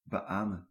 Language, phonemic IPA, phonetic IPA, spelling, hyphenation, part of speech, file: Dutch, /bəˈaːmə(n)/, [bəˈʔaːmə(n)], beamen, be‧amen, verb, Nl-beamen.ogg
- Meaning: 1. to say, reply 'amen' after an uttering, notably in prayer or liturgy (especially in a responsory) 2. to assent to a statement 3. inflection of beamenen: first-person singular present indicative